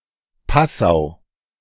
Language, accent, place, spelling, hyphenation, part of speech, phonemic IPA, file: German, Germany, Berlin, Passau, Pas‧sau, proper noun, /ˈpasaʊ̯/, De-Passau.ogg
- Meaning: Passau (an independent town in the Lower Bavaria region, Bavaria, Germany)